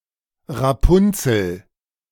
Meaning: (noun) 1. lamb's lettuce (Valerianella locusta) 2. rampion (Campanula rapunculus) 3. spiked rampion (Phyteuma spicatum); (proper noun) Rapunzel, the long-haired protagonist of an eponymous fairy tale
- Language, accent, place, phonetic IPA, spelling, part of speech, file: German, Germany, Berlin, [ʁaˈpʊnt͡sl̩], Rapunzel, noun / proper noun, De-Rapunzel.ogg